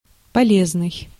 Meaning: 1. useful, helpful, good, beneficial (having a practical or beneficial use) 2. wholesome 3. usable
- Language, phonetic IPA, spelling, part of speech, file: Russian, [pɐˈlʲeznɨj], полезный, adjective, Ru-полезный.ogg